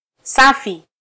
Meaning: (adjective) 1. clean (not dirty) 2. pure; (interjection) I'm fine (response to "how are you?")
- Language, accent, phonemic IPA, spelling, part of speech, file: Swahili, Kenya, /ˈsɑ.fi/, safi, adjective / interjection, Sw-ke-safi.flac